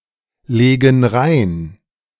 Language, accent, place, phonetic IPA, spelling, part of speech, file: German, Germany, Berlin, [ˌleːɡn̩ ˈʁaɪ̯n], legen rein, verb, De-legen rein.ogg
- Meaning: inflection of reinlegen: 1. first/third-person plural present 2. first/third-person plural subjunctive I